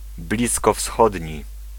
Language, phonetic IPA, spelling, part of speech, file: Polish, [ˌblʲiskɔfˈsxɔdʲɲi], bliskowschodni, adjective, Pl-bliskowschodni.ogg